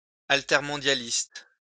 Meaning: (adjective) alter-globalist
- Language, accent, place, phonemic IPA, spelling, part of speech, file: French, France, Lyon, /al.tɛʁ.mɔ̃.dja.list/, altermondialiste, adjective / noun, LL-Q150 (fra)-altermondialiste.wav